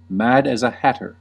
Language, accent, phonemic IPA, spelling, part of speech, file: English, US, /ˌmæd æz ə ˈhætɚ/, mad as a hatter, adjective, En-us-mad as a hatter.ogg
- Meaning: Crazy or demented